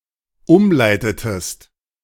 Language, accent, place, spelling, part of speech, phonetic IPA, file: German, Germany, Berlin, umleitetest, verb, [ˈʊmˌlaɪ̯tətəst], De-umleitetest.ogg
- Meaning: inflection of umleiten: 1. second-person singular dependent preterite 2. second-person singular dependent subjunctive II